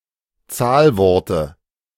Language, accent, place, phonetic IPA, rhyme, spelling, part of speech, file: German, Germany, Berlin, [ˈt͡saːlˌvɔʁtə], -aːlvɔʁtə, Zahlworte, noun, De-Zahlworte.ogg
- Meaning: dative of Zahlwort